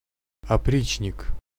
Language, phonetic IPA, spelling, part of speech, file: Russian, [ɐˈprʲit͡ɕnʲɪk], опричник, noun, Ru-опричник.ogg
- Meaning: 1. oprichnik (a bodyguard of Russian Tsar Ivan the Terrible) 2. a cruel, callous performer of the government orders (especially when suppressing dissidents or protesters)